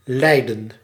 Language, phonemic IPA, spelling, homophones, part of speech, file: Dutch, /ˈlɛi̯də(n)/, leiden, lijden / Leiden, verb, Nl-leiden.ogg
- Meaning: 1. to lead, to take the lead 2. to guide 3. to lead, to go, to follow a path to